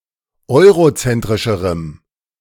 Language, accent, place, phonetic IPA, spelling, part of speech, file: German, Germany, Berlin, [ˈɔɪ̯ʁoˌt͡sɛntʁɪʃəʁəm], eurozentrischerem, adjective, De-eurozentrischerem.ogg
- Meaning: strong dative masculine/neuter singular comparative degree of eurozentrisch